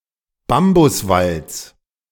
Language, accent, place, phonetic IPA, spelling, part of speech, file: German, Germany, Berlin, [ˈbambʊsˌvalt͡s], Bambuswalds, noun, De-Bambuswalds.ogg
- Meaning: genitive singular of Bambuswald